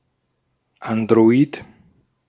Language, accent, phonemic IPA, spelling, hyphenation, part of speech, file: German, Austria, /andʁoˈiːt/, Android, An‧d‧ro‧id, noun, De-at-Android.ogg
- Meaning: android